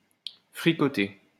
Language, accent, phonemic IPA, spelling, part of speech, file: French, France, /fʁi.kɔ.te/, fricoter, verb, LL-Q150 (fra)-fricoter.wav
- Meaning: 1. to cook a stew 2. to flirt, knock about (with)